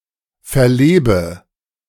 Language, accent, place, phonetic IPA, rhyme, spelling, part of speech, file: German, Germany, Berlin, [fɛɐ̯ˈleːbə], -eːbə, verlebe, verb, De-verlebe.ogg
- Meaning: inflection of verleben: 1. first-person singular present 2. first/third-person singular subjunctive I 3. singular imperative